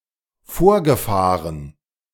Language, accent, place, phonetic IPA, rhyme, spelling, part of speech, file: German, Germany, Berlin, [ˈfoːɐ̯ɡəˌfaːʁən], -oːɐ̯ɡəfaːʁən, vorgefahren, verb, De-vorgefahren.ogg
- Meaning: past participle of vorfahren